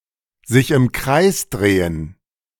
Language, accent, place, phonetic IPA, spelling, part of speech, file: German, Germany, Berlin, [zɪç ɪm kʁaɪ̯s ˈdʁeːən], sich im Kreis drehen, verb, De-sich im Kreis drehen.ogg
- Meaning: to go round in circles